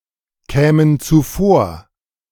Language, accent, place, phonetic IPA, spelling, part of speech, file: German, Germany, Berlin, [ˌkɛːmən t͡suˈfoːɐ̯], kämen zuvor, verb, De-kämen zuvor.ogg
- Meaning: first/third-person plural subjunctive II of zuvorkommen